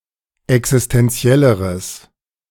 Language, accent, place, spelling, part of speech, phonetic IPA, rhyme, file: German, Germany, Berlin, existenzielleres, adjective, [ɛksɪstɛnˈt͡si̯ɛləʁəs], -ɛləʁəs, De-existenzielleres.ogg
- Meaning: strong/mixed nominative/accusative neuter singular comparative degree of existenziell